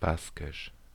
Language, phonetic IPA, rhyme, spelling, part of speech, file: German, [ˈbaskɪʃ], -askɪʃ, Baskisch, noun, De-Baskisch.ogg
- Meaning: Basque (the Basque language)